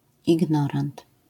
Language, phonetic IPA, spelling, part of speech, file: Polish, [iɡˈnɔrãnt], ignorant, noun, LL-Q809 (pol)-ignorant.wav